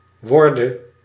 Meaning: singular present subjunctive of worden
- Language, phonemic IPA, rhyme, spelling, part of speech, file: Dutch, /ˈʋɔrdə/, -ɔrdə, worde, verb, Nl-worde.ogg